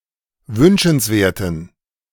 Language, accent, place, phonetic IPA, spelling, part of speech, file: German, Germany, Berlin, [ˈvʏnʃn̩sˌveːɐ̯tn̩], wünschenswerten, adjective, De-wünschenswerten.ogg
- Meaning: inflection of wünschenswert: 1. strong genitive masculine/neuter singular 2. weak/mixed genitive/dative all-gender singular 3. strong/weak/mixed accusative masculine singular 4. strong dative plural